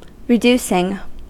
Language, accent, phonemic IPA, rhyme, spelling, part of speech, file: English, US, /ɹɪˈd(j)u.sɪŋ/, -uːsɪŋ, reducing, verb / adjective, En-us-reducing.ogg
- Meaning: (verb) present participle and gerund of reduce; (adjective) That causes reduction